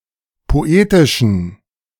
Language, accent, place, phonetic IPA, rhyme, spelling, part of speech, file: German, Germany, Berlin, [poˈeːtɪʃn̩], -eːtɪʃn̩, poetischen, adjective, De-poetischen.ogg
- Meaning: inflection of poetisch: 1. strong genitive masculine/neuter singular 2. weak/mixed genitive/dative all-gender singular 3. strong/weak/mixed accusative masculine singular 4. strong dative plural